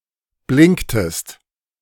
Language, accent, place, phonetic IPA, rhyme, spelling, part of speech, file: German, Germany, Berlin, [ˈblɪŋktəst], -ɪŋktəst, blinktest, verb, De-blinktest.ogg
- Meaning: inflection of blinken: 1. second-person singular preterite 2. second-person singular subjunctive II